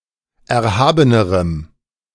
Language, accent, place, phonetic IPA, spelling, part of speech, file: German, Germany, Berlin, [ˌɛɐ̯ˈhaːbənəʁəm], erhabenerem, adjective, De-erhabenerem.ogg
- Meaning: strong dative masculine/neuter singular comparative degree of erhaben